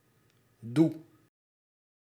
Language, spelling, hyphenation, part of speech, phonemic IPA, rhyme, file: Dutch, doe, doe, verb / adverb / conjunction / noun, /du/, -u, Nl-doe.ogg
- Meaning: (verb) inflection of doen: 1. first-person singular present indicative 2. second-person singular present indicative 3. imperative 4. singular present subjunctive; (adverb) alternative form of toen